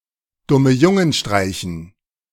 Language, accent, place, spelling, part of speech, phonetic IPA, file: German, Germany, Berlin, Dummejungenstreichen, noun, [ˌdʊməˈjʊŋənˌʃtʁaɪ̯çn̩], De-Dummejungenstreichen.ogg
- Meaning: dative plural of Dummejungenstreich